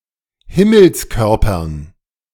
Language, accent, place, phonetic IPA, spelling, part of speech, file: German, Germany, Berlin, [ˈhɪml̩sˌkœʁpɐn], Himmelskörpern, noun, De-Himmelskörpern.ogg
- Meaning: dative plural of Himmelskörper